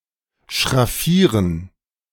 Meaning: to hatch (shade an area with fine lines)
- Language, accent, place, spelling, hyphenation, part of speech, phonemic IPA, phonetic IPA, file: German, Germany, Berlin, schraffieren, schraf‧fie‧ren, verb, /ʃʁaˈfiːʁən/, [ʃʁaˈfiːɐ̯n], De-schraffieren2.ogg